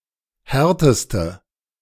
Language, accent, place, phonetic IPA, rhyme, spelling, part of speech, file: German, Germany, Berlin, [ˈhɛʁtəstə], -ɛʁtəstə, härteste, adjective, De-härteste.ogg
- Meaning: inflection of hart: 1. strong/mixed nominative/accusative feminine singular superlative degree 2. strong nominative/accusative plural superlative degree